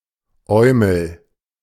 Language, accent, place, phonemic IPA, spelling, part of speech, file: German, Germany, Berlin, /ˈɔɪ̯ml̩/, Eumel, noun, De-Eumel.ogg
- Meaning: wally, twerp